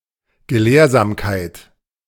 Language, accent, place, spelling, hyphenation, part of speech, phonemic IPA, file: German, Germany, Berlin, Gelehrsamkeit, Ge‧lehr‧sam‧keit, noun, /ɡəˈleːɐ̯zaːmkaɪ̯t/, De-Gelehrsamkeit.ogg
- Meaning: erudition; learnedness